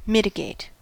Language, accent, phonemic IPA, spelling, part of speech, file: English, US, /ˈmɪt.ɪ.ɡeɪt/, mitigate, verb, En-us-mitigate.ogg
- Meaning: 1. To reduce, lessen, or decrease and thereby to make less severe or easier to bear 2. To downplay 3. To give force or effect toward preventing a problem